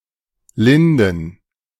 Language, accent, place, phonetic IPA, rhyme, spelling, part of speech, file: German, Germany, Berlin, [ˈlɪndn̩], -ɪndn̩, Linden, proper noun / noun, De-Linden.ogg
- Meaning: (noun) plural of Linde; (proper noun) 1. a town in Gießen district, Hesse, Germany 2. a municipality of Kaiserslautern district, Rhineland-Palatinate, Germany